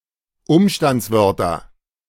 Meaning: nominative/accusative/genitive plural of Umstandswort
- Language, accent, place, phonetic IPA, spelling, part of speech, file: German, Germany, Berlin, [ˈʊmʃtant͡sˌvœʁtɐ], Umstandswörter, noun, De-Umstandswörter.ogg